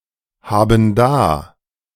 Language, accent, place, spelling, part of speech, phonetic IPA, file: German, Germany, Berlin, haben da, verb, [ˌhaːbn̩ ˈdaː], De-haben da.ogg
- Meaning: inflection of dahaben: 1. first/third-person plural present 2. first/third-person plural subjunctive I